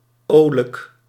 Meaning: cheeky, cheerful
- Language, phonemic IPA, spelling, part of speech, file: Dutch, /ˈoːˌlək/, olijk, adjective, Nl-olijk.ogg